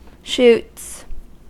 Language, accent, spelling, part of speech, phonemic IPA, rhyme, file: English, US, shoots, noun / verb / adjective / interjection, /ʃuːts/, -uːts, En-us-shoots.ogg
- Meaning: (noun) plural of shoot; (verb) third-person singular simple present indicative of shoot; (adjective) Alright; ok; of course; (interjection) Goodbye